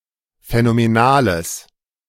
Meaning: strong/mixed nominative/accusative neuter singular of phänomenal
- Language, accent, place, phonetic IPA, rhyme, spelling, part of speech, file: German, Germany, Berlin, [fɛnomeˈnaːləs], -aːləs, phänomenales, adjective, De-phänomenales.ogg